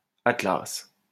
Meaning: 1. Atlas (son of Iapetus and Clymene, leader of the Titans ordered by Zeus to support the sky on his shoulders) 2. Atlas (moon of Saturn) 3. Atlas (star in the Pleiades)
- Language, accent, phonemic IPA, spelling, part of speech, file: French, France, /at.las/, Atlas, proper noun, LL-Q150 (fra)-Atlas.wav